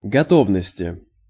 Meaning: inflection of гото́вность (gotóvnostʹ): 1. genitive/dative/prepositional singular 2. nominative/accusative plural
- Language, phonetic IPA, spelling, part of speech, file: Russian, [ɡɐˈtovnəsʲtʲɪ], готовности, noun, Ru-готовности.ogg